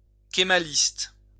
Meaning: Kemalist
- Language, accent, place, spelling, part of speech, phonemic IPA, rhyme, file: French, France, Lyon, kémaliste, adjective, /ke.ma.list/, -ist, LL-Q150 (fra)-kémaliste.wav